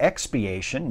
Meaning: 1. An act of atonement for a sin or wrongdoing 2. The act of expiating or stripping off
- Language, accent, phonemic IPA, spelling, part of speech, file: English, US, /ɛkspiˈeɪʃən/, expiation, noun, En-us-expiation.ogg